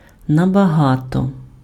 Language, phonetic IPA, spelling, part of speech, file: Ukrainian, [nɐbɐˈɦatɔ], набагато, adverb, Uk-набагато.ogg
- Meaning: much, far (+ comparative adjective or adverb)